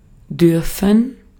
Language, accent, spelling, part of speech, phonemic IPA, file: German, Austria, dürfen, verb, /ˈdʏrfən/, De-at-dürfen.ogg
- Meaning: 1. to be allowed (to do something); to be permitted (to do something); may 2. to be allowed or permitted to do something implied or previously stated; may